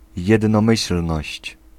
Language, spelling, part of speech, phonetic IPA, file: Polish, jednomyślność, noun, [ˌjɛdnɔ̃ˈmɨɕl̥nɔɕt͡ɕ], Pl-jednomyślność.ogg